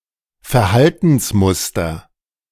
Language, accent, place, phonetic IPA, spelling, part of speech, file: German, Germany, Berlin, [fɛɐ̯ˈhaltn̩sˌmʊstɐ], Verhaltensmuster, noun, De-Verhaltensmuster.ogg
- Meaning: 1. behavioural pattern 2. behaviour pattern, pattern of behaviour